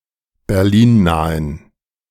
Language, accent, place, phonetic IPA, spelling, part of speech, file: German, Germany, Berlin, [bɛʁˈliːnˌnaːən], berlinnahen, adjective, De-berlinnahen.ogg
- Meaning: inflection of berlinnah: 1. strong genitive masculine/neuter singular 2. weak/mixed genitive/dative all-gender singular 3. strong/weak/mixed accusative masculine singular 4. strong dative plural